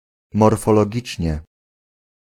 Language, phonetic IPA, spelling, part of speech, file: Polish, [ˌmɔrfɔlɔˈɟit͡ʃʲɲɛ], morfologicznie, adverb, Pl-morfologicznie.ogg